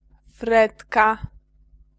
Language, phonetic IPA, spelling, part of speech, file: Polish, [ˈfrɛtka], fretka, noun, Pl-fretka.ogg